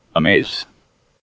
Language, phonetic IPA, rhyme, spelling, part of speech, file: English, [əˈmeɪz], -eɪz, amaze, verb, En-us-amaze.ogg